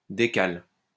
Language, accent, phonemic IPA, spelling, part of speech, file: French, France, /de.kal/, décale, verb, LL-Q150 (fra)-décale.wav
- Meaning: inflection of décaler: 1. first/third-person singular present indicative/subjunctive 2. second-person singular imperative